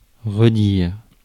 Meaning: 1. resay, say again 2. retell, tell again
- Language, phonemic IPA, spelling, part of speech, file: French, /ʁə.diʁ/, redire, verb, Fr-redire.ogg